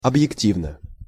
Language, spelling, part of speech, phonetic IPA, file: Russian, объективно, adverb / adjective, [ɐbjɪkˈtʲivnə], Ru-объективно.ogg
- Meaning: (adverb) objectively (in an impartial, objective manner); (adjective) short neuter singular of объекти́вный (obʺjektívnyj)